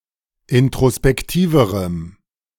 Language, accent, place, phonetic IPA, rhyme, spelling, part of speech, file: German, Germany, Berlin, [ɪntʁospɛkˈtiːvəʁəm], -iːvəʁəm, introspektiverem, adjective, De-introspektiverem.ogg
- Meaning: strong dative masculine/neuter singular comparative degree of introspektiv